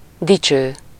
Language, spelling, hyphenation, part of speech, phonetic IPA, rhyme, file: Hungarian, dicső, di‧cső, adjective, [ˈdit͡ʃøː], -t͡ʃøː, Hu-dicső.ogg
- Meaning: glorious, heroic